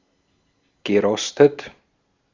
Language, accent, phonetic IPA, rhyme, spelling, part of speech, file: German, Austria, [ɡəˈʁɔstət], -ɔstət, gerostet, verb, De-at-gerostet.ogg
- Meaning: past participle of rosten